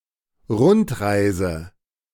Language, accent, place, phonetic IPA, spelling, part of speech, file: German, Germany, Berlin, [ˈʁʊntˌʁaɪ̯zə], Rundreise, noun, De-Rundreise.ogg
- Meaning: round trip